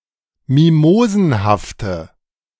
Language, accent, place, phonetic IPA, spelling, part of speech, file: German, Germany, Berlin, [ˈmimoːzn̩haftə], mimosenhafte, adjective, De-mimosenhafte.ogg
- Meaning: inflection of mimosenhaft: 1. strong/mixed nominative/accusative feminine singular 2. strong nominative/accusative plural 3. weak nominative all-gender singular